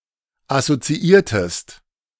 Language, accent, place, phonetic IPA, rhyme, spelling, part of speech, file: German, Germany, Berlin, [asot͡siˈiːɐ̯təst], -iːɐ̯təst, assoziiertest, verb, De-assoziiertest.ogg
- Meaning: inflection of assoziieren: 1. second-person singular preterite 2. second-person singular subjunctive II